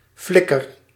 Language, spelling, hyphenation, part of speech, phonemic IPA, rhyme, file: Dutch, flikker, flik‧ker, noun / verb, /ˈflɪ.kər/, -ɪkər, Nl-flikker.ogg
- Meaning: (noun) 1. a mender, fixer, someone who mends or fixes 2. a jump while clicking the heels 3. a human body, especially when in the nude 4. a whit or jot 5. a homosexual male; a queer, faggot